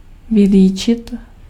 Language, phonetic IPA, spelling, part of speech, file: Czech, [ˈvɪliːt͡ʃɪt], vylíčit, verb, Cs-vylíčit.ogg
- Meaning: to portray, to describe